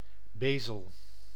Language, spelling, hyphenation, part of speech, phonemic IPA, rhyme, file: Dutch, Beesel, Bee‧sel, proper noun, /ˈbeː.səl/, -eːsəl, Nl-Beesel.ogg
- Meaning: a village and municipality of Limburg, Netherlands